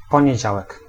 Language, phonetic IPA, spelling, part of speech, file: Polish, [ˌpɔ̃ɲɛ̇ˈd͡ʑawɛk], poniedziałek, noun, Pl-poniedziałek.ogg